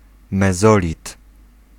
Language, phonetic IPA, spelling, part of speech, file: Polish, [mɛˈzɔlʲit], mezolit, noun, Pl-mezolit.ogg